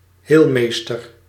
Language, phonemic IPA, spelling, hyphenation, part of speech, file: Dutch, /ˈɦeːlˌmeːs.tər/, heelmeester, heel‧mees‧ter, noun, Nl-heelmeester.ogg
- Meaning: healer, doctor